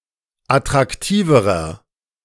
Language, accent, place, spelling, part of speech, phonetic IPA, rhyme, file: German, Germany, Berlin, attraktiverer, adjective, [atʁakˈtiːvəʁɐ], -iːvəʁɐ, De-attraktiverer.ogg
- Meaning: inflection of attraktiv: 1. strong/mixed nominative masculine singular comparative degree 2. strong genitive/dative feminine singular comparative degree 3. strong genitive plural comparative degree